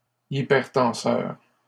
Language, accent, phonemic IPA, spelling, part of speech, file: French, Canada, /i.pɛʁ.tɑ̃.sœʁ/, hypertenseur, adjective, LL-Q150 (fra)-hypertenseur.wav
- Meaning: hypertensive